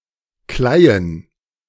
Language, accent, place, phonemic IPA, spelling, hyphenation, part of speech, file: German, Germany, Berlin, /ˈklaɪ̯ən/, Kleien, Klei‧en, noun, De-Kleien.ogg
- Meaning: plural of Kleie